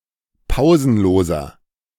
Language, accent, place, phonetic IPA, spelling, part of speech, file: German, Germany, Berlin, [ˈpaʊ̯zn̩ˌloːzɐ], pausenloser, adjective, De-pausenloser.ogg
- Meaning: inflection of pausenlos: 1. strong/mixed nominative masculine singular 2. strong genitive/dative feminine singular 3. strong genitive plural